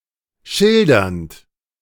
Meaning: present participle of schildern
- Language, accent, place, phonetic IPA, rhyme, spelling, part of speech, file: German, Germany, Berlin, [ˈʃɪldɐnt], -ɪldɐnt, schildernd, verb, De-schildernd.ogg